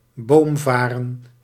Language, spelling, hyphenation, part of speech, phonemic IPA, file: Dutch, boomvaren, boom‧va‧ren, noun, /ˈboːmˌvaː.rə(n)/, Nl-boomvaren.ogg
- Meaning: tree fern, treelike fern from the family Cyatheales